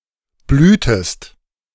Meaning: inflection of blühen: 1. second-person singular preterite 2. second-person singular subjunctive II
- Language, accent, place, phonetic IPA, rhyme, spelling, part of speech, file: German, Germany, Berlin, [ˈblyːtəst], -yːtəst, blühtest, verb, De-blühtest.ogg